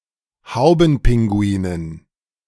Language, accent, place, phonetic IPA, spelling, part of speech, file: German, Germany, Berlin, [ˈhaʊ̯bn̩ˌpɪŋɡuiːnən], Haubenpinguinen, noun, De-Haubenpinguinen.ogg
- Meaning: dative plural of Haubenpinguin